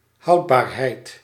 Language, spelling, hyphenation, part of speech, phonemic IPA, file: Dutch, houdbaarheid, houd‧baar‧heid, noun, /ˈɦɑu̯t.baːrˌɦɛi̯t/, Nl-houdbaarheid.ogg
- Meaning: 1. tenability 2. shelf life